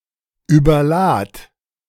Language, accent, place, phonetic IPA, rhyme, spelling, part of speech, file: German, Germany, Berlin, [yːbɐˈlaːt], -aːt, überlad, verb, De-überlad.ogg
- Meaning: singular imperative of überladen